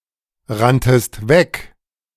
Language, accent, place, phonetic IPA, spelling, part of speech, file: German, Germany, Berlin, [ˌʁantəst ˈvɛk], ranntest weg, verb, De-ranntest weg.ogg
- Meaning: second-person singular preterite of wegrennen